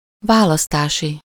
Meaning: 1. elective, electoral, election 2. of or relating to choice, option
- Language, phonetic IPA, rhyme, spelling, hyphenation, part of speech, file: Hungarian, [ˈvaːlɒstaːʃi], -ʃi, választási, vá‧lasz‧tá‧si, adjective, Hu-választási.ogg